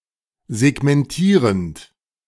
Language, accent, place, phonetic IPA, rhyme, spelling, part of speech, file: German, Germany, Berlin, [zɛɡmɛnˈtiːʁənt], -iːʁənt, segmentierend, verb, De-segmentierend.ogg
- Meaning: present participle of segmentieren